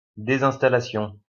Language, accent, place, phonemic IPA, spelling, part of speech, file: French, France, Lyon, /de.zɛ̃s.ta.la.sjɔ̃/, désinstallation, noun, LL-Q150 (fra)-désinstallation.wav
- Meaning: uninstallation